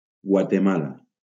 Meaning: 1. Guatemala (a country in northern Central America) 2. Guatemala City (the capital city of Guatemala) 3. Guatemala (a department of Guatemala)
- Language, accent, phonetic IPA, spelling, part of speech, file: Catalan, Valencia, [ɡwa.teˈma.la], Guatemala, proper noun, LL-Q7026 (cat)-Guatemala.wav